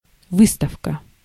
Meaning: 1. exhibiting, showing 2. exposition, display
- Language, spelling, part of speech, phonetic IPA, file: Russian, выставка, noun, [ˈvɨstəfkə], Ru-выставка.ogg